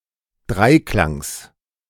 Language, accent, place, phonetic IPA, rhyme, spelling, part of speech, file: German, Germany, Berlin, [ˈdʁaɪ̯ˌklaŋs], -aɪ̯klaŋs, Dreiklangs, noun, De-Dreiklangs.ogg
- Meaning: genitive singular of Dreiklang